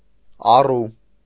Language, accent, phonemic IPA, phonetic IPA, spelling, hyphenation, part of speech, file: Armenian, Eastern Armenian, /ɑˈru/, [ɑrú], առու, ա‧ռու, noun, Hy-առու.ogg
- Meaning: 1. brook 2. irrigation ditch, trench